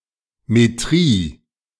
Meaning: -metry
- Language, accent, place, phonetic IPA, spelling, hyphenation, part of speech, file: German, Germany, Berlin, [meˈtʁiː], -metrie, -me‧trie, suffix, De--metrie.ogg